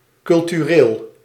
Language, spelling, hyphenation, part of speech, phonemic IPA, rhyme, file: Dutch, cultureel, cul‧tu‧reel, adjective, /ˌkʏl.tyˈreːl/, -eːl, Nl-cultureel.ogg
- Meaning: cultural